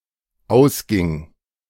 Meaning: first/third-person singular dependent preterite of ausgehen
- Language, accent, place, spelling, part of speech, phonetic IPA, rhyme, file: German, Germany, Berlin, ausging, verb, [ˈaʊ̯sˌɡɪŋ], -aʊ̯sɡɪŋ, De-ausging.ogg